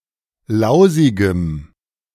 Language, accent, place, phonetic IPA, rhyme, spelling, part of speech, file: German, Germany, Berlin, [ˈlaʊ̯zɪɡəm], -aʊ̯zɪɡəm, lausigem, adjective, De-lausigem.ogg
- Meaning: strong dative masculine/neuter singular of lausig